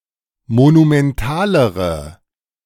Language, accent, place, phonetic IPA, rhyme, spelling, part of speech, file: German, Germany, Berlin, [monumɛnˈtaːləʁə], -aːləʁə, monumentalere, adjective, De-monumentalere.ogg
- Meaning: inflection of monumental: 1. strong/mixed nominative/accusative feminine singular comparative degree 2. strong nominative/accusative plural comparative degree